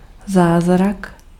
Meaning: miracle
- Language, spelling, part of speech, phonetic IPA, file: Czech, zázrak, noun, [ˈzaːzrak], Cs-zázrak.ogg